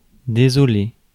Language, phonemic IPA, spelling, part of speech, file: French, /de.zɔ.le/, désoler, verb, Fr-désoler.ogg
- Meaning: 1. to sadden, distress 2. to be upset